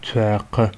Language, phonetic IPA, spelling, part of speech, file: Adyghe, [t͡sʷaːqa], цуакъэ, noun, T͡sʷaːqa.ogg
- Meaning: 1. shoes 2. footwear